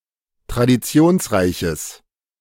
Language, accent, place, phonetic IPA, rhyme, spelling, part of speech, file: German, Germany, Berlin, [tʁadiˈt͡si̯oːnsˌʁaɪ̯çəs], -oːnsʁaɪ̯çəs, traditionsreiches, adjective, De-traditionsreiches.ogg
- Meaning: strong/mixed nominative/accusative neuter singular of traditionsreich